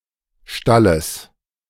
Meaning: genitive singular of Stall
- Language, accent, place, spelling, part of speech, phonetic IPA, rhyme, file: German, Germany, Berlin, Stalles, noun, [ˈʃtaləs], -aləs, De-Stalles.ogg